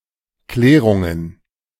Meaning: plural of Klärung
- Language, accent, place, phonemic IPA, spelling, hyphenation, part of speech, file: German, Germany, Berlin, /ˈklɛːʁʊŋən/, Klärungen, Klä‧run‧gen, noun, De-Klärungen.ogg